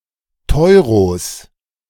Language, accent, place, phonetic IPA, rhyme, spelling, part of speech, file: German, Germany, Berlin, [ˈtɔɪ̯ʁos], -ɔɪ̯ʁos, Teuros, noun, De-Teuros.ogg
- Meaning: plural of Teuro